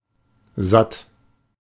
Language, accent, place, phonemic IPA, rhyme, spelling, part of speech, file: German, Germany, Berlin, /zat/, -at, satt, adjective, De-satt.ogg
- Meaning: 1. not hungry, satiated, full, done 2. fed up, sick of (see usage notes) 3. full, ample